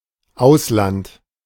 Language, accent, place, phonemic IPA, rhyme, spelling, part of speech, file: German, Germany, Berlin, /ˈaʊ̯slant/, -ant, Ausland, noun, De-Ausland.ogg
- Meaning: foreign countries (collectively), abroad